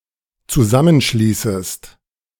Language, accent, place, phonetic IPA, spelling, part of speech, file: German, Germany, Berlin, [t͡suˈzamənˌʃliːsəst], zusammenschließest, verb, De-zusammenschließest.ogg
- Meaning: second-person singular dependent subjunctive I of zusammenschließen